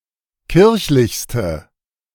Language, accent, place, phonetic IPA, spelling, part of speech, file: German, Germany, Berlin, [ˈkɪʁçlɪçstə], kirchlichste, adjective, De-kirchlichste.ogg
- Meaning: inflection of kirchlich: 1. strong/mixed nominative/accusative feminine singular superlative degree 2. strong nominative/accusative plural superlative degree